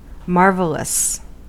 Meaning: Exciting wonder or surprise; astonishing; wonderful
- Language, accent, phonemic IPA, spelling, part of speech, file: English, US, /ˈmɑɹvələs/, marvellous, adjective, En-us-marvellous.ogg